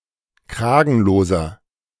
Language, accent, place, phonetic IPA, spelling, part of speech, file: German, Germany, Berlin, [ˈkʁaːɡn̩loːzɐ], kragenloser, adjective, De-kragenloser.ogg
- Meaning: inflection of kragenlos: 1. strong/mixed nominative masculine singular 2. strong genitive/dative feminine singular 3. strong genitive plural